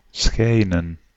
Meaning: 1. to shine 2. to appear, to seem
- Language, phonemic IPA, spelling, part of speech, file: Dutch, /ˈsxɛi̯nə(n)/, schijnen, verb, Nl-schijnen.ogg